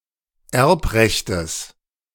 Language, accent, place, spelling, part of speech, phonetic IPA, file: German, Germany, Berlin, Erbrechtes, noun, [ˈɛʁpˌʁɛçtəs], De-Erbrechtes.ogg
- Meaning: genitive of Erbrecht